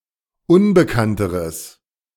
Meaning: strong/mixed nominative/accusative neuter singular comparative degree of unbekannt
- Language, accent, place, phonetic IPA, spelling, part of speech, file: German, Germany, Berlin, [ˈʊnbəkantəʁəs], unbekannteres, adjective, De-unbekannteres.ogg